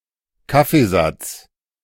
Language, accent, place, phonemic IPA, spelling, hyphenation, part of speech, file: German, Germany, Berlin, /ˈkafeˌzat͡s/, Kaffeesatz, Kaf‧fee‧satz, noun, De-Kaffeesatz.ogg
- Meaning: coffee dregs, coffee grounds